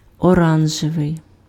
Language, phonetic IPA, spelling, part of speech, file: Ukrainian, [ɔˈranʒeʋei̯], оранжевий, adjective, Uk-оранжевий.ogg
- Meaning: orange (color)